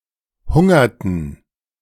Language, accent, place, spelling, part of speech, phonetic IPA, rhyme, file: German, Germany, Berlin, hungerten, verb, [ˈhʊŋɐtn̩], -ʊŋɐtn̩, De-hungerten.ogg
- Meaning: inflection of hungern: 1. first/third-person plural preterite 2. first/third-person plural subjunctive II